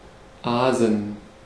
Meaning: 1. to feed on carrion 2. to waste or spoil something, to make a mess of (something)
- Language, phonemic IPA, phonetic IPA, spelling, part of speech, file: German, /ˈaːzən/, [ˈʔaːzn̩], aasen, verb, De-aasen.ogg